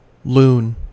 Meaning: 1. A crazy or deranged person; a lunatic 2. An idler, a lout 3. A boy, a lad 4. A harlot; mistress 5. A simpleton 6. An English soldier of an expeditionary army in Ireland
- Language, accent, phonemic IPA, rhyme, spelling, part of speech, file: English, US, /ˈluːn/, -uːn, loon, noun, En-us-loon.ogg